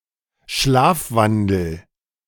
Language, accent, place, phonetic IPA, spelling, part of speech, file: German, Germany, Berlin, [ˈʃlaːfˌvandl̩], schlafwandel, verb, De-schlafwandel.ogg
- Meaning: inflection of schlafwandeln: 1. first-person singular present 2. singular imperative